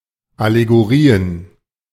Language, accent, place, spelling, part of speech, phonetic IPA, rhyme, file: German, Germany, Berlin, Allegorien, noun, [aleɡoˈʁiːən], -iːən, De-Allegorien.ogg
- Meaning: plural of Allegorie